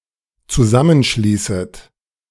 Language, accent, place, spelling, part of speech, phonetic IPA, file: German, Germany, Berlin, zusammenschließet, verb, [t͡suˈzamənˌʃliːsət], De-zusammenschließet.ogg
- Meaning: first/second/third-person plural dependent subjunctive I of zusammenschließen